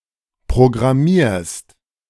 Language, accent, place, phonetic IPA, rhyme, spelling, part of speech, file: German, Germany, Berlin, [pʁoɡʁaˈmiːɐ̯st], -iːɐ̯st, programmierst, verb, De-programmierst.ogg
- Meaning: second-person singular present of programmieren